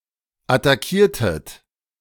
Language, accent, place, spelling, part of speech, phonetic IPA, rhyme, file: German, Germany, Berlin, attackiertet, verb, [ataˈkiːɐ̯tət], -iːɐ̯tət, De-attackiertet.ogg
- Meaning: inflection of attackieren: 1. second-person plural preterite 2. second-person plural subjunctive II